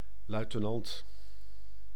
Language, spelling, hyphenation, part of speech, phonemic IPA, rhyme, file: Dutch, luitenant, lui‧te‧nant, noun, /ˌlœy̯.təˈnɑnt/, -ɑnt, Nl-luitenant.ogg
- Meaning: lieutenant